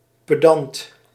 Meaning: pedantic
- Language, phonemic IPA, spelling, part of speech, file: Dutch, /pəˈdɑnt/, pedant, noun / adjective, Nl-pedant.ogg